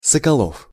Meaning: a surname, Sokolov, one of the most common Russian surnames
- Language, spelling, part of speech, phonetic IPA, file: Russian, Соколов, proper noun, [səkɐˈɫof], Ru-Соколов.ogg